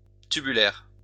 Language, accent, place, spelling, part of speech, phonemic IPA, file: French, France, Lyon, tubulaire, adjective, /ty.by.lɛʁ/, LL-Q150 (fra)-tubulaire.wav
- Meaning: tubular